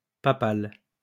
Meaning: papal
- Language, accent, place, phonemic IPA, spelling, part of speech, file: French, France, Lyon, /pa.pal/, papal, adjective, LL-Q150 (fra)-papal.wav